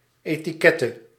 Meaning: etiquette
- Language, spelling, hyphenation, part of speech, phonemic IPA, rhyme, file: Dutch, etiquette, eti‧quet‧te, noun, /ˌeː.tiˈkɛ.tə/, -ɛtə, Nl-etiquette.ogg